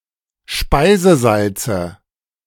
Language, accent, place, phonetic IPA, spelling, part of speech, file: German, Germany, Berlin, [ˈʃpaɪ̯zəˌzalt͡sə], Speisesalze, noun, De-Speisesalze.ogg
- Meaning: nominative/accusative/genitive plural of Speisesalz